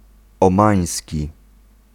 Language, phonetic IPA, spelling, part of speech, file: Polish, [ɔ̃ˈmãj̃sʲci], omański, adjective, Pl-omański.ogg